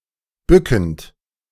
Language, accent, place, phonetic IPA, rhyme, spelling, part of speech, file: German, Germany, Berlin, [ˈbʏkn̩t], -ʏkn̩t, bückend, verb, De-bückend.ogg
- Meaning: present participle of bücken